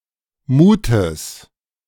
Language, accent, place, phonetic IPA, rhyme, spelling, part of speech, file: German, Germany, Berlin, [ˈmuːtəs], -uːtəs, Mutes, noun, De-Mutes.ogg
- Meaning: genitive singular of Mut